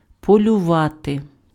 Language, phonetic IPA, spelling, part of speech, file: Ukrainian, [pɔlʲʊˈʋate], полювати, verb, Uk-полювати.ogg
- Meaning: 1. to hunt 2. to hunt: to hunt, to be after (to try to catch or acquire)